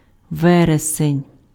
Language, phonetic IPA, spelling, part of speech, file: Ukrainian, [ˈʋɛresenʲ], вересень, noun, Uk-вересень.ogg
- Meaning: September